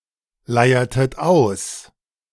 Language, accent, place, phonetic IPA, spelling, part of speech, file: German, Germany, Berlin, [ˌlaɪ̯ɐtət ˈaʊ̯s], leiertet aus, verb, De-leiertet aus.ogg
- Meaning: inflection of ausleiern: 1. second-person plural preterite 2. second-person plural subjunctive II